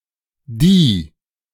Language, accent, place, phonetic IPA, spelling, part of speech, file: German, Germany, Berlin, [di], di-, prefix, De-di-.ogg
- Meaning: di-